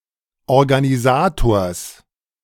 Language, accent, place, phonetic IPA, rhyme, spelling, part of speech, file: German, Germany, Berlin, [ɔʁɡaniˈzaːtoːɐ̯s], -aːtoːɐ̯s, Organisators, noun, De-Organisators.ogg
- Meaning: genitive singular of Organisator